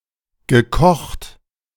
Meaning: 1. past participle of kochen 2. cooked, fucked
- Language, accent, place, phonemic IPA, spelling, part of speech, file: German, Germany, Berlin, /ɡəˈkɔxt/, gekocht, verb, De-gekocht.ogg